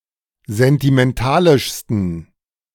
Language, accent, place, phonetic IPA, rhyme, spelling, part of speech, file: German, Germany, Berlin, [zɛntimɛnˈtaːlɪʃstn̩], -aːlɪʃstn̩, sentimentalischsten, adjective, De-sentimentalischsten.ogg
- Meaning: 1. superlative degree of sentimentalisch 2. inflection of sentimentalisch: strong genitive masculine/neuter singular superlative degree